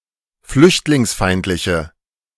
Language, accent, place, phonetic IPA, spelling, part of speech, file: German, Germany, Berlin, [ˈflʏçtlɪŋsˌfaɪ̯ntlɪçə], flüchtlingsfeindliche, adjective, De-flüchtlingsfeindliche.ogg
- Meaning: inflection of flüchtlingsfeindlich: 1. strong/mixed nominative/accusative feminine singular 2. strong nominative/accusative plural 3. weak nominative all-gender singular